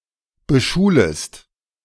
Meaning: second-person singular subjunctive I of beschulen
- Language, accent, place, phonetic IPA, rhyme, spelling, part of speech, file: German, Germany, Berlin, [bəˈʃuːləst], -uːləst, beschulest, verb, De-beschulest.ogg